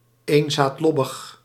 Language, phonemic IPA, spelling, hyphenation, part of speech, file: Dutch, /ˌeːn.zaːtˈlɔ.bəx/, eenzaadlobbig, een‧zaad‧lob‧big, adjective, Nl-eenzaadlobbig.ogg
- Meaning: of or relating to a monocotyledon